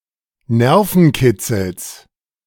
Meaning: genitive of Nervenkitzel
- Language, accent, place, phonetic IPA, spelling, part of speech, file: German, Germany, Berlin, [ˈnɛʁfn̩ˌkɪt͡sl̩s], Nervenkitzels, noun, De-Nervenkitzels.ogg